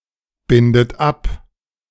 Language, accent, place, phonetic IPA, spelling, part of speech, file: German, Germany, Berlin, [ˌbɪndət ˈap], bindet ab, verb, De-bindet ab.ogg
- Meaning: inflection of abbinden: 1. third-person singular present 2. second-person plural present 3. second-person plural subjunctive I 4. plural imperative